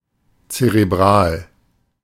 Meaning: 1. brain; cerebral 2. cerebral
- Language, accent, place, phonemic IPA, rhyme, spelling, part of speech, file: German, Germany, Berlin, /tseʁeˈbʁaːl/, -aːl, zerebral, adjective, De-zerebral.ogg